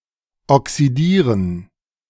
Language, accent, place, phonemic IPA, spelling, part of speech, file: German, Germany, Berlin, /ɔksiˈdiːʁən/, oxidieren, verb, De-oxidieren.ogg
- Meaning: 1. to oxidize (to undergo oxidization) 2. to oxidize (to cause oxidization)